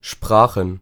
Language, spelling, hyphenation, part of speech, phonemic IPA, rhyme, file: German, Sprachen, Spra‧chen, noun, /ˈʃpʁaːχn̩/, -aːχn̩, De-Sprachen.ogg
- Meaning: plural of Sprache: languages